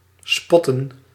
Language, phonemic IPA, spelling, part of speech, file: Dutch, /ˈspɔtə(n)/, spotten, verb, Nl-spotten.ogg
- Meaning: 1. to mock, deride 2. to spot